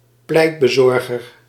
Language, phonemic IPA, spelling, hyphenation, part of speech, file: Dutch, /ˈplɛi̯t.bəˌzɔr.ɣər/, pleitbezorger, pleit‧be‧zor‧ger, noun, Nl-pleitbezorger.ogg
- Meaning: 1. advocate, barrister, counsel 2. advocate, one who speaks or writes in support of something